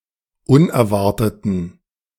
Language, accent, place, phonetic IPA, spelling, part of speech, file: German, Germany, Berlin, [ˈʊnɛɐ̯ˌvaʁtətn̩], unerwarteten, adjective, De-unerwarteten.ogg
- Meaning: inflection of unerwartet: 1. strong genitive masculine/neuter singular 2. weak/mixed genitive/dative all-gender singular 3. strong/weak/mixed accusative masculine singular 4. strong dative plural